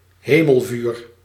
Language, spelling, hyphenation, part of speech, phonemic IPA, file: Dutch, hemelvuur, he‧mel‧vuur, noun, /ˈɦeː.məlˌvyːr/, Nl-hemelvuur.ogg
- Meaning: lightning